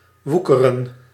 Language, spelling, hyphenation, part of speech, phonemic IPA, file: Dutch, woekeren, woe‧ke‧ren, verb, /ˈʋukərə(n)/, Nl-woekeren.ogg
- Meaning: 1. to practise usury 2. to overgrow